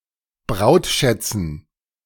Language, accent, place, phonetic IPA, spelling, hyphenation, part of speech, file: German, Germany, Berlin, [ˈbʁaʊ̯tˌʃɛt͡sn̩], Brautschätzen, Braut‧schät‧zen, noun, De-Brautschätzen.ogg
- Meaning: dative plural of Brautschatz